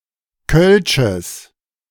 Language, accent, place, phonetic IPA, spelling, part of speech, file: German, Germany, Berlin, [kœlʃəs], kölsches, adjective, De-kölsches.ogg
- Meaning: strong/mixed nominative/accusative neuter singular of kölsch